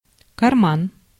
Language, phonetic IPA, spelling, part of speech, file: Russian, [kɐrˈman], карман, noun, Ru-карман.ogg
- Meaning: 1. pocket 2. lay-by, turnout (a widening of a traffic lane, usually for a bus stop) 3. service road 4. clipboard